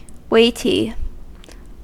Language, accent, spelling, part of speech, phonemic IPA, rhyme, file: English, US, weighty, adjective, /ˈweɪti/, -eɪti, En-us-weighty.ogg
- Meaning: 1. Having a lot of weight; heavy 2. Important; serious; not trivial or petty 3. Rigorous; severe; afflictive